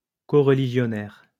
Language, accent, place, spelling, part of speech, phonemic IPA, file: French, France, Lyon, coreligionnaire, noun, /ko.ʁ(ə).li.ʒjɔ.nɛʁ/, LL-Q150 (fra)-coreligionnaire.wav
- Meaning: coreligionist